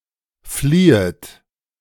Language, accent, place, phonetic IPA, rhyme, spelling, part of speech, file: German, Germany, Berlin, [ˈfliːət], -iːət, fliehet, verb, De-fliehet.ogg
- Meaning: second-person plural subjunctive I of fliehen